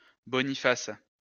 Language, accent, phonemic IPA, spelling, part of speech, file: French, France, /bɔ.ni.fas/, Boniface, proper noun, LL-Q150 (fra)-Boniface.wav
- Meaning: a male given name of mainly historical usage